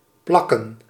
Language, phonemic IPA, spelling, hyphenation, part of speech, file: Dutch, /ˈplɑ.kə(n)/, plakken, plak‧ken, verb / noun, Nl-plakken.ogg
- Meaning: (verb) 1. to stick 2. to glue, to paste 3. to paste (insert an item previously saved to memory); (noun) plural of plak